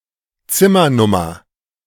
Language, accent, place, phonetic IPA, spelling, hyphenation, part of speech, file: German, Germany, Berlin, [ˈtsɪmɐˌnʊmɐ], Zimmernummer, Zim‧mer‧num‧mer, noun, De-Zimmernummer.ogg
- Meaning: room number